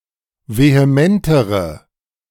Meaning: inflection of vehement: 1. strong/mixed nominative/accusative feminine singular comparative degree 2. strong nominative/accusative plural comparative degree
- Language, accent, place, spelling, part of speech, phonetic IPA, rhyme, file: German, Germany, Berlin, vehementere, adjective, [veheˈmɛntəʁə], -ɛntəʁə, De-vehementere.ogg